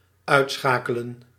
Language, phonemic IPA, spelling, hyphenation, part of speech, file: Dutch, /ˈœy̯tˌsxaː.kə.lə(n)/, uitschakelen, uit‧scha‧ke‧len, verb, Nl-uitschakelen.ogg
- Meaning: 1. to switch off, to turn off, to disable (to put a device out of action or deactivate a function of an electronic device) 2. to disable, to eliminate (in a contest or battle)